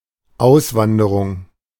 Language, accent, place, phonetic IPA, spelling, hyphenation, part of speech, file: German, Germany, Berlin, [ˈʔaʊ̯svandəʁʊŋ], Auswanderung, Aus‧wan‧de‧rung, noun, De-Auswanderung.ogg
- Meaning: emigration